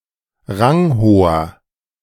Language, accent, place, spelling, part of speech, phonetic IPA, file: German, Germany, Berlin, ranghoher, adjective, [ˈʁaŋˌhoːɐ], De-ranghoher.ogg
- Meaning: inflection of ranghoch: 1. strong/mixed nominative masculine singular 2. strong genitive/dative feminine singular 3. strong genitive plural